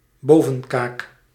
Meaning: an upper jaw
- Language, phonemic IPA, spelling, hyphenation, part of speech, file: Dutch, /ˈboː.və(n)ˌkaːk/, bovenkaak, bo‧ven‧kaak, noun, Nl-bovenkaak.ogg